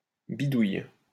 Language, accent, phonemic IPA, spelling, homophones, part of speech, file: French, France, /bi.duj/, bidouille, bidouillent / bidouilles, verb, LL-Q150 (fra)-bidouille.wav
- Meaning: inflection of bidouiller: 1. first/third-person singular present indicative/subjunctive 2. second-person singular imperative